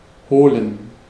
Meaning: to (go) get, to fetch (to go somewhere and take something to bring back)
- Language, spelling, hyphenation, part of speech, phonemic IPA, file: German, holen, ho‧len, verb, /ˈhoːlən/, De-holen.ogg